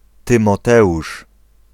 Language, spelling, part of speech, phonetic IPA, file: Polish, Tymoteusz, proper noun, [ˌtɨ̃mɔˈtɛʷuʃ], Pl-Tymoteusz.ogg